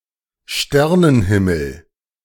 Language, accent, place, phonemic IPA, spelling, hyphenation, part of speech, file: German, Germany, Berlin, /ˈʃtɛrnənˌhɪməl/, Sternenhimmel, Ster‧nen‧him‧mel, noun, De-Sternenhimmel.ogg
- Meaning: starry, starlit sky